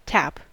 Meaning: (noun) A conical peg or pin used to close and open the hole or vent in a container
- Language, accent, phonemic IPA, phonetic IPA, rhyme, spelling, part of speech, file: English, General American, /tæp/, [tʰæp], -æp, tap, noun / verb, En-us-tap.ogg